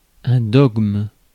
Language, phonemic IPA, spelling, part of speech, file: French, /dɔɡm/, dogme, noun, Fr-dogme.ogg
- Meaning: dogma (an authoritative principle, belief or statement of opinion)